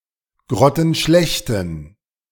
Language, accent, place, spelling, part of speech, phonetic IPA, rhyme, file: German, Germany, Berlin, grottenschlechten, adjective, [ˌɡʁɔtn̩ˈʃlɛçtn̩], -ɛçtn̩, De-grottenschlechten.ogg
- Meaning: inflection of grottenschlecht: 1. strong genitive masculine/neuter singular 2. weak/mixed genitive/dative all-gender singular 3. strong/weak/mixed accusative masculine singular 4. strong dative plural